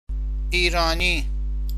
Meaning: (adjective) 1. Iranian (of Iran; of the people of Iran) 2. Iranian, Iranic (of the language family); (noun) Iranian (person)
- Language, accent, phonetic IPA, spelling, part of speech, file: Persian, Iran, [ʔiː.ɹɒː.níː], ایرانی, adjective / noun, Fa-ایرانی.ogg